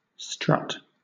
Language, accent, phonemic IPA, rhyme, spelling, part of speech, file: English, Southern England, /stɹʌt/, -ʌt, strut, verb / noun / adjective, LL-Q1860 (eng)-strut.wav
- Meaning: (verb) 1. Of a peacock or other fowl: to stand or walk stiffly, with the tail erect and spread out 2. To walk haughtily or proudly with one's head held high